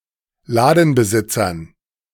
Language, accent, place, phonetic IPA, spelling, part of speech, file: German, Germany, Berlin, [ˈlaːdn̩bəˌzɪt͡sɐn], Ladenbesitzern, noun, De-Ladenbesitzern.ogg
- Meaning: dative plural of Ladenbesitzer